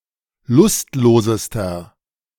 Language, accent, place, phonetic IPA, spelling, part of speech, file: German, Germany, Berlin, [ˈlʊstˌloːzəstɐ], lustlosester, adjective, De-lustlosester.ogg
- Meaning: inflection of lustlos: 1. strong/mixed nominative masculine singular superlative degree 2. strong genitive/dative feminine singular superlative degree 3. strong genitive plural superlative degree